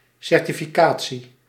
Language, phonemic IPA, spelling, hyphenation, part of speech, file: Dutch, /ˌsɛr.ti.fiˈkaː.(t)si/, certificatie, cer‧ti‧fi‧ca‧tie, noun, Nl-certificatie.ogg
- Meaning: 1. certification (qualification, state of being qualified for something) 2. certification (granting of a certificate)